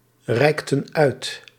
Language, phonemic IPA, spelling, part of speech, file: Dutch, /ˈrɛiktə(n) ˈœyt/, reikten uit, verb, Nl-reikten uit.ogg
- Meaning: inflection of uitreiken: 1. plural past indicative 2. plural past subjunctive